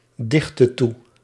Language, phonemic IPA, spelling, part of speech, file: Dutch, /ˈdɪxtə ˈtu/, dichtte toe, verb, Nl-dichtte toe.ogg
- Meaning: inflection of toedichten: 1. singular past indicative 2. singular past subjunctive